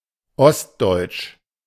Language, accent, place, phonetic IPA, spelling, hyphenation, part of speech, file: German, Germany, Berlin, [ˈɔstˌdɔɪ̯tʃ], ostdeutsch, ost‧deutsch, adjective, De-ostdeutsch.ogg
- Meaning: eastern German (from or pertaining to eastern Germany or the people, the culture or the dialects of this region)